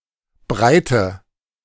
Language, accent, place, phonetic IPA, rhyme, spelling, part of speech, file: German, Germany, Berlin, [ˈbʁaɪ̯tə], -aɪ̯tə, breite, adjective / verb, De-breite.ogg
- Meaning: inflection of breit: 1. strong/mixed nominative/accusative feminine singular 2. strong nominative/accusative plural 3. weak nominative all-gender singular 4. weak accusative feminine/neuter singular